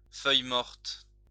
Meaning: of the colour of dying leaves: russet, feuillemorte
- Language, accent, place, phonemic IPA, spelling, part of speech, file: French, France, Lyon, /fœj.mɔʁt/, feuille-morte, adjective, LL-Q150 (fra)-feuille-morte.wav